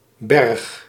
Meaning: 1. a village in Valkenburg aan de Geul, Limburg, Netherlands 2. a hamlet in Maaseik, Belgium 3. a hamlet in Eijsden-Margraten, Limburg, Netherlands 4. a hamlet in Peel en Maas, Limburg, Netherlands
- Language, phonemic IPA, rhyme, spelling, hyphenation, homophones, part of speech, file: Dutch, /bɛrx/, -ɛrx, Berg, Berg, berg, proper noun, Nl-Berg.ogg